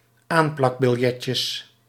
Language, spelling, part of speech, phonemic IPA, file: Dutch, aanplakbiljetjes, noun, /ˈamplɑɡbɪlˌjɛcəs/, Nl-aanplakbiljetjes.ogg
- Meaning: plural of aanplakbiljetje